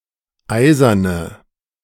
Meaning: inflection of eisern: 1. strong/mixed nominative/accusative feminine singular 2. strong nominative/accusative plural 3. weak nominative all-gender singular 4. weak accusative feminine/neuter singular
- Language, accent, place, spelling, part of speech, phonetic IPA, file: German, Germany, Berlin, eiserne, adjective, [ˈaɪ̯zɐnə], De-eiserne.ogg